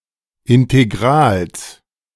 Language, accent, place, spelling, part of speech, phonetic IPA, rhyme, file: German, Germany, Berlin, Integrals, noun, [ɪnteˈɡʁaːls], -aːls, De-Integrals.ogg
- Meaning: genitive singular of Integral